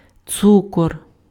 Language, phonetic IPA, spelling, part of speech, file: Ukrainian, [ˈt͡sukɔr], цукор, noun, Uk-цукор.ogg
- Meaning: sugar